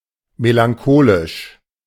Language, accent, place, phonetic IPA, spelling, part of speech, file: German, Germany, Berlin, [melaŋˈkoːlɪʃ], melancholisch, adjective, De-melancholisch.ogg
- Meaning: melancholic